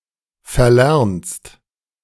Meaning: second-person singular present of verlernen
- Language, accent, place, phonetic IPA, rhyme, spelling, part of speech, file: German, Germany, Berlin, [fɛɐ̯ˈlɛʁnst], -ɛʁnst, verlernst, verb, De-verlernst.ogg